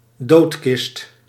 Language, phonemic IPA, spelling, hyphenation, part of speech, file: Dutch, /ˈdoːt.kɪst/, doodkist, dood‧kist, noun, Nl-doodkist.ogg
- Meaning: alternative form of doodskist